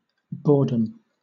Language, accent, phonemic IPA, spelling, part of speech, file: English, Southern England, /ˈbɔː.dəm/, boredom, noun, LL-Q1860 (eng)-boredom.wav
- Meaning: 1. The state of being bored 2. An instance or period of being bored; a bored state 3. The state of being a bore